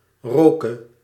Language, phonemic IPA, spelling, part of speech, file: Dutch, /ˈrokə/, roke, verb, Nl-roke.ogg
- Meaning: 1. singular past subjunctive of ruiken 2. singular past subjunctive of rieken 3. singular present subjunctive of roken